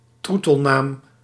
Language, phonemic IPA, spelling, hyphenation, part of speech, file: Dutch, /ˈtru.təlˌnaːm/, troetelnaam, troe‧tel‧naam, noun, Nl-troetelnaam.ogg
- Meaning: pet name, (cute) nickname, name of endearment